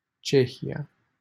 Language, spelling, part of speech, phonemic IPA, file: Romanian, Cehia, proper noun, /ˈt͡ʃe.hi.(j)a/, LL-Q7913 (ron)-Cehia.wav
- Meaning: Czech Republic, Czechia (a country in Central Europe; official name: Republica Cehă)